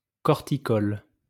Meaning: corticolous
- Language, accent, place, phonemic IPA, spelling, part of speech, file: French, France, Lyon, /kɔʁ.ti.kɔl/, corticole, adjective, LL-Q150 (fra)-corticole.wav